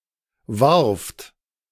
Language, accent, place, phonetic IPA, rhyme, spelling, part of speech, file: German, Germany, Berlin, [vaʁft], -aʁft, warft, verb, De-warft.ogg
- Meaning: second-person plural preterite of werfen